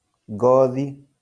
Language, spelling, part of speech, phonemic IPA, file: Kikuyu, ngothi, noun, /ᵑɡɔ̀ːðì(ꜜ)/, LL-Q33587 (kik)-ngothi.wav
- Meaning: 1. hide, leather 2. skin